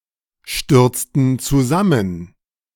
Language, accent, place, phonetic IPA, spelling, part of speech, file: German, Germany, Berlin, [ˌʃtʏʁt͡stn̩ t͡suˈzamən], stürzten zusammen, verb, De-stürzten zusammen.ogg
- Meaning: inflection of zusammenstürzen: 1. first/third-person plural preterite 2. first/third-person plural subjunctive II